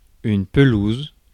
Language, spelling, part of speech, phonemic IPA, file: French, pelouse, noun, /pə.luz/, Fr-pelouse.ogg
- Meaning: 1. lawn 2. public enclosure 3. field, ground